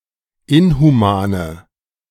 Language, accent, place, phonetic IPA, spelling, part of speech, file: German, Germany, Berlin, [ˈɪnhuˌmaːnə], inhumane, adjective, De-inhumane.ogg
- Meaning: inflection of inhuman: 1. strong/mixed nominative/accusative feminine singular 2. strong nominative/accusative plural 3. weak nominative all-gender singular 4. weak accusative feminine/neuter singular